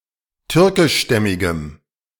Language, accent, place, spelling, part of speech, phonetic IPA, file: German, Germany, Berlin, türkischstämmigem, adjective, [ˈtʏʁkɪʃˌʃtɛmɪɡəm], De-türkischstämmigem.ogg
- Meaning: strong dative masculine/neuter singular of türkischstämmig